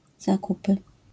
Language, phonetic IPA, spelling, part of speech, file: Polish, [zaˈkupɨ], zakupy, noun, LL-Q809 (pol)-zakupy.wav